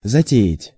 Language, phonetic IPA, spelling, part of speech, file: Russian, [zɐˈtʲe(j)ɪtʲ], затеять, verb, Ru-затеять.ogg
- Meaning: 1. to undertake, to start 2. to decide (to do something) 3. to venture